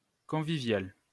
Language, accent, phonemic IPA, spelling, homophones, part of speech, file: French, France, /kɔ̃.vi.vjal/, convivial, conviviale / conviviales, adjective, LL-Q150 (fra)-convivial.wav
- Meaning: 1. congenial 2. convivial 3. user-friendly